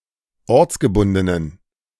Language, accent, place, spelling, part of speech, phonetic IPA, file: German, Germany, Berlin, ortsgebundenen, adjective, [ˈɔʁt͡sɡəˌbʊndənən], De-ortsgebundenen.ogg
- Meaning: inflection of ortsgebunden: 1. strong genitive masculine/neuter singular 2. weak/mixed genitive/dative all-gender singular 3. strong/weak/mixed accusative masculine singular 4. strong dative plural